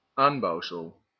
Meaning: annex, extension to a building
- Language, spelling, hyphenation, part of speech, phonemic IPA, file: Dutch, aanbouwsel, aan‧bouw‧sel, noun, /ˈaːnˌbɑu̯.səl/, Nl-aanbouwsel.ogg